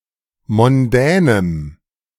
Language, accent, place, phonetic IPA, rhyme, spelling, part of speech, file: German, Germany, Berlin, [mɔnˈdɛːnəm], -ɛːnəm, mondänem, adjective, De-mondänem.ogg
- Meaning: strong dative masculine/neuter singular of mondän